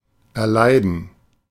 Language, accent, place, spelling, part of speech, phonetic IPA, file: German, Germany, Berlin, erleiden, verb, [ˌɛɐ̯ˈlaɪ̯.dn̩], De-erleiden.ogg
- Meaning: to suffer, to experience (a negative event or treatment)